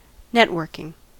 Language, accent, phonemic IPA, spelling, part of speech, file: English, US, /ˈnɛtˌwɜː(r)kɪŋ/, networking, verb / noun, En-us-networking.ogg
- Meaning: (verb) present participle and gerund of network; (noun) 1. The use of computer networks 2. The process of meeting new people in a business or social context